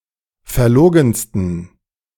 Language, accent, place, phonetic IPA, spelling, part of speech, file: German, Germany, Berlin, [fɛɐ̯ˈloːɡn̩stən], verlogensten, adjective, De-verlogensten.ogg
- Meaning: 1. superlative degree of verlogen 2. inflection of verlogen: strong genitive masculine/neuter singular superlative degree